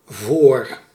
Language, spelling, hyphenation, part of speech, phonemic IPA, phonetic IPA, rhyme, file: Dutch, voor, voor, preposition / conjunction / noun, /voːr/, [vʊːr], -oːr, Nl-voor.ogg
- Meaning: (preposition) 1. for 2. before 3. in front of 4. for, in favor of; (noun) 1. pro, advantage, upside, positive 2. furrow